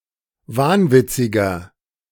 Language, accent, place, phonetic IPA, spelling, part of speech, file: German, Germany, Berlin, [ˈvaːnˌvɪt͡sɪɡɐ], wahnwitziger, adjective, De-wahnwitziger.ogg
- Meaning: 1. comparative degree of wahnwitzig 2. inflection of wahnwitzig: strong/mixed nominative masculine singular 3. inflection of wahnwitzig: strong genitive/dative feminine singular